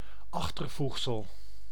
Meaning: suffix
- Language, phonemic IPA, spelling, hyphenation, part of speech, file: Dutch, /ˈɑx.tərˌvux.səl/, achtervoegsel, ach‧ter‧voeg‧sel, noun, Nl-achtervoegsel.ogg